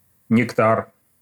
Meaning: nectar
- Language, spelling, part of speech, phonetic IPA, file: Russian, нектар, noun, [nʲɪkˈtar], Ru-нектар.ogg